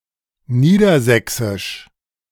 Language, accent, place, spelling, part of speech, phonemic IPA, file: German, Germany, Berlin, Niedersächsisch, proper noun, /ˈniːdɐˌzɛksɪʃ/, De-Niedersächsisch.ogg
- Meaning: Low Saxon (language, language group or group of dialects)